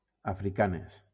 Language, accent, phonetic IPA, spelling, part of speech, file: Catalan, Valencia, [a.fɾiˈka.nes], africanes, adjective / noun, LL-Q7026 (cat)-africanes.wav
- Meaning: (adjective) feminine plural of africà